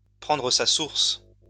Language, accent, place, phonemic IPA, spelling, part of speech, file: French, France, Lyon, /pʁɑ̃.dʁə sa suʁs/, prendre sa source, verb, LL-Q150 (fra)-prendre sa source.wav
- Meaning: 1. to rise, to have its source (somewhere) 2. to emerge, to begin, to start, to originate